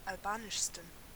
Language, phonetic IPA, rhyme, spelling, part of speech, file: German, [alˈbaːnɪʃstn̩], -aːnɪʃstn̩, albanischsten, adjective, De-albanischsten.ogg
- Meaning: 1. superlative degree of albanisch 2. inflection of albanisch 3. inflection of albanisch: strong genitive masculine/neuter singular superlative degree